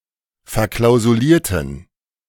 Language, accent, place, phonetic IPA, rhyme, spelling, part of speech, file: German, Germany, Berlin, [fɛɐ̯ˌklaʊ̯zuˈliːɐ̯tn̩], -iːɐ̯tn̩, verklausulierten, adjective / verb, De-verklausulierten.ogg
- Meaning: inflection of verklausuliert: 1. strong genitive masculine/neuter singular 2. weak/mixed genitive/dative all-gender singular 3. strong/weak/mixed accusative masculine singular 4. strong dative plural